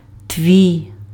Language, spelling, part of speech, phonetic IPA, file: Ukrainian, твій, pronoun, [tʲʋʲii̯], Uk-твій.ogg
- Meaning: your, yours, thy, thine (2nd-person familiar, singular only)